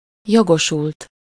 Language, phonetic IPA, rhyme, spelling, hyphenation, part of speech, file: Hungarian, [ˈjoɡoʃult], -ult, jogosult, jo‧go‧sult, verb / adjective / noun, Hu-jogosult.ogg
- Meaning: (verb) 1. third-person singular indicative past indefinite of jogosul 2. past participle of jogosul; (adjective) entitled, authorized, eligible